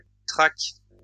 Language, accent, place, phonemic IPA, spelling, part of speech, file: French, France, Lyon, /tʁak/, traque, noun, LL-Q150 (fra)-traque.wav
- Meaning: tracking